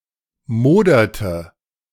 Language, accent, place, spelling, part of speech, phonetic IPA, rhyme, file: German, Germany, Berlin, moderte, verb, [ˈmoːdɐtə], -oːdɐtə, De-moderte.ogg
- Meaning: inflection of modern: 1. first/third-person singular preterite 2. first/third-person singular subjunctive II